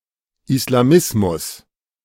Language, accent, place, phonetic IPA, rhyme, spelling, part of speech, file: German, Germany, Berlin, [ɪslaˈmɪsmʊs], -ɪsmʊs, Islamismus, noun, De-Islamismus.ogg
- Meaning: Islamism